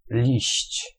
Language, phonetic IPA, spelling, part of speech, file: Polish, [lʲiɕt͡ɕ], liść, noun, Pl-liść.ogg